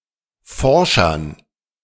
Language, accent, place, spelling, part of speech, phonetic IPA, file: German, Germany, Berlin, Forschern, noun, [ˈfɔʁʃɐn], De-Forschern.ogg
- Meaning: dative plural of Forscher